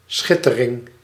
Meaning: glitter
- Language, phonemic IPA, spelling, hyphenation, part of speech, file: Dutch, /ˈsxɪtəˌrɪŋ/, schittering, schit‧te‧ring, noun, Nl-schittering.ogg